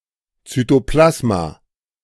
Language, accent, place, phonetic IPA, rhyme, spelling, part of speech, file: German, Germany, Berlin, [ˌt͡syːtoˈplasma], -asma, Zytoplasma, noun, De-Zytoplasma.ogg
- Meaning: cytoplasm